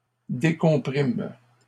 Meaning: third-person plural present indicative/subjunctive of décomprimer
- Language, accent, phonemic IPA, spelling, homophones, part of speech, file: French, Canada, /de.kɔ̃.pʁim/, décompriment, décomprime / décomprimes, verb, LL-Q150 (fra)-décompriment.wav